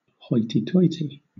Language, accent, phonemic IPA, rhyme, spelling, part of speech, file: English, Southern England, /ˈhɔɪtiˈtɔɪti/, -ɔɪti, hoity-toity, noun / adjective / adverb / interjection, LL-Q1860 (eng)-hoity-toity.wav
- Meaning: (noun) 1. Behaviour adopted to demonstrate one's superiority; pretentious or snobbish behaviour; airs and graces 2. Flighty, giddy, or silly behaviour; also, noisy merriment